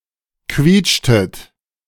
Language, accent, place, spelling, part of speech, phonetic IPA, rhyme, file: German, Germany, Berlin, quietschtet, verb, [ˈkviːt͡ʃtət], -iːt͡ʃtət, De-quietschtet.ogg
- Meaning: inflection of quietschen: 1. second-person plural preterite 2. second-person plural subjunctive II